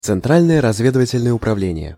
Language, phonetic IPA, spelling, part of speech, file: Russian, [t͡sɨnˈtralʲnəjə rɐzˈvʲedɨvətʲɪlʲnəjə ʊprɐˈvlʲenʲɪje], Центральное разведывательное управление, proper noun, Ru-Центральное разведывательное управление.ogg
- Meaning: Central Intelligence Agency, CIA